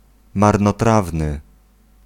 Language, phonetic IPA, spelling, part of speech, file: Polish, [ˌmarnɔˈtravnɨ], marnotrawny, adjective, Pl-marnotrawny.ogg